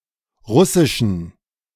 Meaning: inflection of russisch: 1. strong genitive masculine/neuter singular 2. weak/mixed genitive/dative all-gender singular 3. strong/weak/mixed accusative masculine singular 4. strong dative plural
- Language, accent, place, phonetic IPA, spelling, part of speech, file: German, Germany, Berlin, [ˈʁʊsɪʃn̩], russischen, adjective, De-russischen.ogg